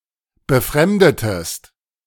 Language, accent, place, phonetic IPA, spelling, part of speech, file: German, Germany, Berlin, [bəˈfʁɛmdətəst], befremdetest, verb, De-befremdetest.ogg
- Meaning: inflection of befremden: 1. second-person singular preterite 2. second-person singular subjunctive II